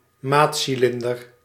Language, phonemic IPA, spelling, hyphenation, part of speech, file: Dutch, /ˈmaːt.siˌlɪn.dər/, maatcilinder, maat‧ci‧lin‧der, noun, Nl-maatcilinder.ogg
- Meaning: a measuring cylinder